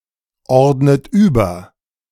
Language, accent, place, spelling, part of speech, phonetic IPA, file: German, Germany, Berlin, ordnet über, verb, [ˌɔʁdnət ˈyːbɐ], De-ordnet über.ogg
- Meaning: inflection of überordnen: 1. second-person plural present 2. second-person plural subjunctive I 3. third-person singular present 4. plural imperative